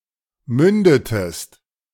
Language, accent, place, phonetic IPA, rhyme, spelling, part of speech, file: German, Germany, Berlin, [ˈmʏndətəst], -ʏndətəst, mündetest, verb, De-mündetest.ogg
- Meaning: inflection of münden: 1. second-person singular preterite 2. second-person singular subjunctive II